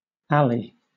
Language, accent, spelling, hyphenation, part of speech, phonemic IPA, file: English, Southern England, ally, al‧ly, noun, /ˈæli/, LL-Q1860 (eng)-ally.wav
- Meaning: Alternative spelling of alley (“a glass marble or taw”)